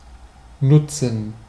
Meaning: 1. to make use of; to deploy; to exploit; to harness; to take (the opportunity of) 2. to be useful, to be of use, to do good 3. to benefit, to help, to do good to
- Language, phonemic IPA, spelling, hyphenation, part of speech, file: German, /ˈnʊtsən/, nutzen, nut‧zen, verb, De-nutzen.ogg